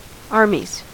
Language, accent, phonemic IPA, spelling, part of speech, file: English, US, /ˈɑɹ.miz/, armies, noun, En-us-armies.ogg
- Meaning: plural of army